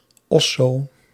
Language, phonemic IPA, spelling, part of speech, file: Dutch, /ˈɔ.soː/, osso, noun, Nl-osso.ogg
- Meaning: house